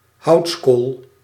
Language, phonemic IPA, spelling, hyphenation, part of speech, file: Dutch, /ˈɦɑu̯ts.koːl/, houtskool, houts‧kool, noun, Nl-houtskool.ogg
- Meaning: 1. charcoal (heat-transformed wood) 2. a piece of charcoal